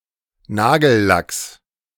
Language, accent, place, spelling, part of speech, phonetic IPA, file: German, Germany, Berlin, Nagellacks, noun, [ˈnaːɡl̩ˌlaks], De-Nagellacks.ogg
- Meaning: genitive singular of Nagellack